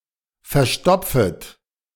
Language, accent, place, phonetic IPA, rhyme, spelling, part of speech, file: German, Germany, Berlin, [fɛɐ̯ˈʃtɔp͡fət], -ɔp͡fət, verstopfet, verb, De-verstopfet.ogg
- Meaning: second-person plural subjunctive I of verstopfen